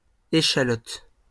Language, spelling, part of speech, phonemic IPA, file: French, échalote, noun, /e.ʃa.lɔt/, LL-Q150 (fra)-échalote.wav
- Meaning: shallot (Allium cepa var. aggregatum)